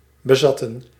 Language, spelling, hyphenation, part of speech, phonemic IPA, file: Dutch, bezatten, be‧zat‧ten, verb, /bəˈzɑ.tə(n)/, Nl-bezatten.ogg
- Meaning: to get drunk